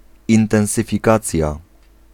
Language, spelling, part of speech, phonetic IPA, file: Polish, intensyfikacja, noun, [ˌĩntɛ̃w̃sɨfʲiˈkat͡sʲja], Pl-intensyfikacja.ogg